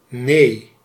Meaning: no
- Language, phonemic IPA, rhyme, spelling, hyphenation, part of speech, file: Dutch, /neː/, -eː, nee, nee, interjection, Nl-nee.ogg